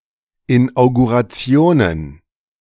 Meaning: plural of Inauguration
- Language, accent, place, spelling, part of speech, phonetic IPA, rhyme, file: German, Germany, Berlin, Inaugurationen, noun, [ˌɪnʔaʊ̯ɡuʁaˈt͡si̯oːnən], -oːnən, De-Inaugurationen.ogg